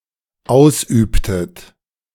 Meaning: inflection of ausüben: 1. second-person plural dependent preterite 2. second-person plural dependent subjunctive II
- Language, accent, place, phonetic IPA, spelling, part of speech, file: German, Germany, Berlin, [ˈaʊ̯sˌʔyːptət], ausübtet, verb, De-ausübtet.ogg